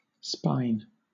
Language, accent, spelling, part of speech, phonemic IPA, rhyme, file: English, Southern England, spine, noun, /spaɪn/, -aɪn, LL-Q1860 (eng)-spine.wav
- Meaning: A series of bones situated at the back from the head to the pelvis of a human, or from the head to the tail of an animal, enclosing the spinal cord and providing support for the thorax and abdomen